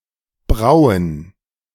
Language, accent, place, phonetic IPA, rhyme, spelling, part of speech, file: German, Germany, Berlin, [ˈbʁaʊ̯ən], -aʊ̯ən, Brauen, noun, De-Brauen.ogg
- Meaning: plural of Braue